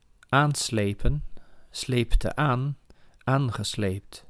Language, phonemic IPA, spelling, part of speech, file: Dutch, /ˈanslepə(n)/, aanslepen, verb, Nl-aanslepen.ogg
- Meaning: to drag on